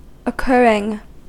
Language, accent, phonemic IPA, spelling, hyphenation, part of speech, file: English, US, /əˈkɝɪŋ/, occurring, oc‧cur‧ring, verb / noun / adjective, En-us-occurring.ogg
- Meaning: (verb) 1. present participle and gerund of occur 2. present participle and gerund of occurre (obsolete form of occur); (noun) An instance of something occurring; an event or happening